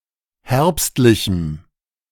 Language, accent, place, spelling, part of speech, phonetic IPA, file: German, Germany, Berlin, herbstlichem, adjective, [ˈhɛʁpstlɪçm̩], De-herbstlichem.ogg
- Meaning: strong dative masculine/neuter singular of herbstlich